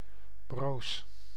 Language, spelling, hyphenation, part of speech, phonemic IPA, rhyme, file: Dutch, broos, broos, adjective / noun, /broːs/, -oːs, Nl-broos.ogg
- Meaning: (adjective) 1. alternative form of bros (“brittle”) 2. weak, fragile, vulnerable 3. perishable, short-lived, fading; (noun) cothurnus